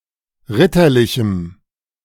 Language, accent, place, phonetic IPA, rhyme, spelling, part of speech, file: German, Germany, Berlin, [ˈʁɪtɐˌlɪçm̩], -ɪtɐlɪçm̩, ritterlichem, adjective, De-ritterlichem.ogg
- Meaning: strong dative masculine/neuter singular of ritterlich